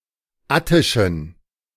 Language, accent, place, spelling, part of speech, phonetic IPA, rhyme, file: German, Germany, Berlin, attischen, adjective, [ˈatɪʃn̩], -atɪʃn̩, De-attischen.ogg
- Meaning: inflection of attisch: 1. strong genitive masculine/neuter singular 2. weak/mixed genitive/dative all-gender singular 3. strong/weak/mixed accusative masculine singular 4. strong dative plural